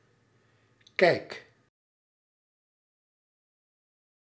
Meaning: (noun) view, opinion (way of understanding or looking at something); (verb) inflection of kijken: 1. first-person singular present indicative 2. second-person singular present indicative 3. imperative
- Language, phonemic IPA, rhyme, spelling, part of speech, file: Dutch, /kɛi̯k/, -ɛi̯k, kijk, noun / verb, Nl-kijk.ogg